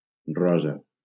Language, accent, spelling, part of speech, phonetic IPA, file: Catalan, Valencia, rosa, noun / adjective, [ˈrɔ.za], LL-Q7026 (cat)-rosa.wav
- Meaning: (noun) 1. rose (a flower of the rose plant) 2. rose (a purplish-red or pink colour); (adjective) pink (color/colour)